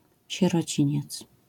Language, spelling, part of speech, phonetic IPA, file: Polish, sierociniec, noun, [ˌɕɛrɔˈt͡ɕĩɲɛt͡s], LL-Q809 (pol)-sierociniec.wav